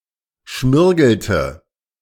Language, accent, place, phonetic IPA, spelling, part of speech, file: German, Germany, Berlin, [ˈʃmɪʁɡl̩tə], schmirgelte, verb, De-schmirgelte.ogg
- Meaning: inflection of schmirgeln: 1. first/third-person singular preterite 2. first/third-person singular subjunctive II